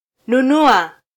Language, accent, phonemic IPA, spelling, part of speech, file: Swahili, Kenya, /nuˈnu.ɑ/, nunua, verb, Sw-ke-nunua.flac
- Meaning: to buy